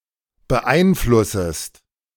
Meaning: second-person singular subjunctive I of beeinflussen
- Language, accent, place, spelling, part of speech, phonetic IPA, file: German, Germany, Berlin, beeinflussest, verb, [bəˈʔaɪ̯nˌflʊsəst], De-beeinflussest.ogg